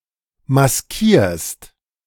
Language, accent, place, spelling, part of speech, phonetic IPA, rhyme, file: German, Germany, Berlin, maskierst, verb, [masˈkiːɐ̯st], -iːɐ̯st, De-maskierst.ogg
- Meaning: second-person singular present of maskieren